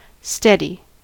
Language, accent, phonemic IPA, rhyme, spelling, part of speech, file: English, US, /ˈstɛdi/, -ɛdi, steady, adjective / verb / particle / noun / adverb / interjection, En-us-steady.ogg
- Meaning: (adjective) Firm in standing or position; not tottering or shaking; fixed; firm